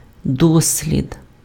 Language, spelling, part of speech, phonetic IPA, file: Ukrainian, дослід, noun, [ˈdɔsʲlʲid], Uk-дослід.ogg
- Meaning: trial, experiment